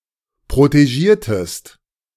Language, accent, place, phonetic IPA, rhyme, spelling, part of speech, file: German, Germany, Berlin, [pʁoteˈʒiːɐ̯təst], -iːɐ̯təst, protegiertest, verb, De-protegiertest.ogg
- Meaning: inflection of protegieren: 1. second-person singular preterite 2. second-person singular subjunctive II